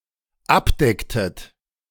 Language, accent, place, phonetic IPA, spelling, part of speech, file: German, Germany, Berlin, [ˈapˌdɛktət], abdecktet, verb, De-abdecktet.ogg
- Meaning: inflection of abdecken: 1. second-person plural dependent preterite 2. second-person plural dependent subjunctive II